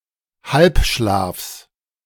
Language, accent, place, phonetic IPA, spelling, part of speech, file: German, Germany, Berlin, [ˈhalpˌʃlaːfs], Halbschlafs, noun, De-Halbschlafs.ogg
- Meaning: genitive singular of Halbschlaf